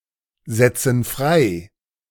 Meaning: inflection of freisetzen: 1. first/third-person plural present 2. first/third-person plural subjunctive I
- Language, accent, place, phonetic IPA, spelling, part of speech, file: German, Germany, Berlin, [ˌzɛt͡sn̩ ˈfʁaɪ̯], setzen frei, verb, De-setzen frei.ogg